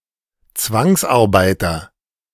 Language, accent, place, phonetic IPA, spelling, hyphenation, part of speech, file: German, Germany, Berlin, [ˈt͡svaŋsʔaʁˌbaɪ̯tɐ], Zwangsarbeiter, Zwangs‧ar‧bei‧ter, noun, De-Zwangsarbeiter.ogg
- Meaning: forced laborer